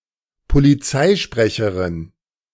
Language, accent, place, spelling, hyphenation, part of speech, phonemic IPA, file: German, Germany, Berlin, Polizeisprecherin, Po‧li‧zei‧spre‧che‧rin, noun, /poliˈt͡saɪ̯ˌʃpʁɛçəʁɪn/, De-Polizeisprecherin.ogg
- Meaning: female equivalent of Polizeisprecher (“police spokesperson”)